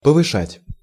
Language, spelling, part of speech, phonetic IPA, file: Russian, повышать, verb, [pəvɨˈʂatʲ], Ru-повышать.ogg
- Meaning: to raise, to increase, to heighten, to boost, to elevate